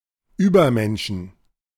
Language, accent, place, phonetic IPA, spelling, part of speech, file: German, Germany, Berlin, [ˈyːbɐˌmɛnʃn̩], Übermenschen, noun, De-Übermenschen.ogg
- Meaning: genitive/dative/accusative singular/plural of Übermensch